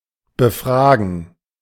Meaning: to question, to interview, to interrogate
- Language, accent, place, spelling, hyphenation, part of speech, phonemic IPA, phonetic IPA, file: German, Germany, Berlin, befragen, be‧fra‧gen, verb, /bəˈfʁaːɡən/, [bəˈfʁaːɡŋ], De-befragen.ogg